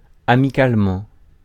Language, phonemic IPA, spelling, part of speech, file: French, /a.mi.kal.mɑ̃/, amicalement, adverb, Fr-amicalement.ogg
- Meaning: friendly (in a friendly manner), amicably